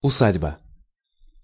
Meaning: 1. farmstead 2. homestead 3. place 4. barton 5. steading 6. hall (a manor house) 7. messuage 8. toft
- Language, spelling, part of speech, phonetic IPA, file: Russian, усадьба, noun, [ʊˈsadʲbə], Ru-усадьба.ogg